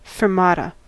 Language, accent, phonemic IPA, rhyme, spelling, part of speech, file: English, US, /ˌfɜːɹˈmɑtə/, -ɑːtə, fermata, noun, En-us-fermata.ogg
- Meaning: The holding of a note or rest for longer than its usual duration